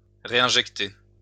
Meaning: to reinject
- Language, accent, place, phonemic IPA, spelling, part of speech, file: French, France, Lyon, /ʁe.ɛ̃.ʒɛk.te/, réinjecter, verb, LL-Q150 (fra)-réinjecter.wav